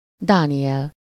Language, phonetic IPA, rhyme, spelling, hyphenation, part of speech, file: Hungarian, [ˈdaːnijɛl], -ɛl, Dániel, Dá‧ni‧el, proper noun, Hu-Dániel.ogg
- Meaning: a male given name from Hebrew, equivalent to English Daniel